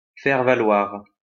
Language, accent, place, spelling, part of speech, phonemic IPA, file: French, France, Lyon, faire-valoir, noun, /fɛʁ.va.lwaʁ/, LL-Q150 (fra)-faire-valoir.wav
- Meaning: a sidekick, a foil, a stooge